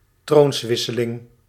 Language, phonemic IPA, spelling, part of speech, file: Dutch, /ˈtronswɪsəˌlɪŋ/, troonswisseling, noun, Nl-troonswisseling.ogg
- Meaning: a change of monarch